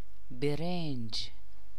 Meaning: rice
- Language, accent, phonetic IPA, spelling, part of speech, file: Persian, Iran, [be.ɹénd͡ʒ̥], برنج, noun, Fa-برنج.ogg